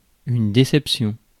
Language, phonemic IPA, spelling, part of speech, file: French, /de.sɛp.sjɔ̃/, déception, noun, Fr-déception.ogg
- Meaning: disappointment